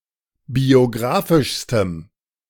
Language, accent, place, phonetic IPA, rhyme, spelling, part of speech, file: German, Germany, Berlin, [bioˈɡʁaːfɪʃstəm], -aːfɪʃstəm, biographischstem, adjective, De-biographischstem.ogg
- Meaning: strong dative masculine/neuter singular superlative degree of biographisch